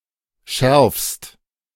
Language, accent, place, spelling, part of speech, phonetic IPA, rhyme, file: German, Germany, Berlin, schärfst, verb, [ʃɛʁfst], -ɛʁfst, De-schärfst.ogg
- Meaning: second-person singular present of schärfen